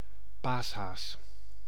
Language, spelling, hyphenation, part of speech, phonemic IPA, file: Dutch, paashaas, paas‧haas, noun, /ˈpaːs.ɦaːs/, Nl-paashaas.ogg
- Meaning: the Easter Bunny